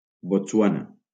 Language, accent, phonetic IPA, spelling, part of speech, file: Catalan, Valencia, [botsˈwa.na], Botswana, proper noun, LL-Q7026 (cat)-Botswana.wav
- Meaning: Botswana (a country in Southern Africa)